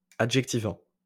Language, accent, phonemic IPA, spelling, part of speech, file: French, France, /a.dʒɛk.ti.vɑ̃/, adjectivant, verb, LL-Q150 (fra)-adjectivant.wav
- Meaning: present participle of adjectiver